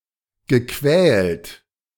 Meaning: past participle of quälen
- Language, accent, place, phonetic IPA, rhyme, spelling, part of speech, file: German, Germany, Berlin, [ɡəˈkvɛːlt], -ɛːlt, gequält, verb, De-gequält.ogg